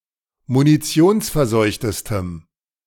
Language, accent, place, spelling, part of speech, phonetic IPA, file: German, Germany, Berlin, munitionsverseuchtestem, adjective, [muniˈt͡si̯oːnsfɛɐ̯ˌzɔɪ̯çtəstəm], De-munitionsverseuchtestem.ogg
- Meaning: strong dative masculine/neuter singular superlative degree of munitionsverseucht